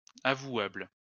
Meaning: 1. respectable, reputable 2. blameless
- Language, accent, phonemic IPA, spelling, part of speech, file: French, France, /a.vwabl/, avouable, adjective, LL-Q150 (fra)-avouable.wav